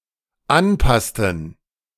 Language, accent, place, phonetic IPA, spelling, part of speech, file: German, Germany, Berlin, [ˈanˌpastn̩], anpassten, verb, De-anpassten.ogg
- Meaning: inflection of anpassen: 1. first/third-person plural dependent preterite 2. first/third-person plural dependent subjunctive II